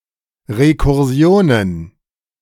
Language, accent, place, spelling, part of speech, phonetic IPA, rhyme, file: German, Germany, Berlin, Rekursionen, noun, [ʁekʊʁˈzi̯oːnən], -oːnən, De-Rekursionen.ogg
- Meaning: plural of Rekursion